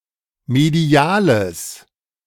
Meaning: strong/mixed nominative/accusative neuter singular of medial
- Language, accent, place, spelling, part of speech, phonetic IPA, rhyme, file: German, Germany, Berlin, mediales, adjective, [meˈdi̯aːləs], -aːləs, De-mediales.ogg